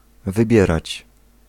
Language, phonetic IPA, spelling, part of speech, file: Polish, [vɨˈbʲjɛrat͡ɕ], wybierać, verb, Pl-wybierać.ogg